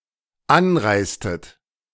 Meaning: inflection of anreisen: 1. second-person plural dependent preterite 2. second-person plural dependent subjunctive II
- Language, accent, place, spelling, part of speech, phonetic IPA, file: German, Germany, Berlin, anreistet, verb, [ˈanˌʁaɪ̯stət], De-anreistet.ogg